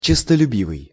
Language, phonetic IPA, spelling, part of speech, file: Russian, [t͡ɕɪstəlʲʉˈbʲivɨj], честолюбивый, adjective, Ru-честолюбивый.ogg
- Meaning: ambitious (possessing, or controlled by, ambition)